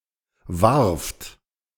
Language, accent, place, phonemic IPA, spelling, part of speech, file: German, Germany, Berlin, /vaʁft/, Warft, noun, De-Warft.ogg
- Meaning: synonym of Wurt (“man-made hill”)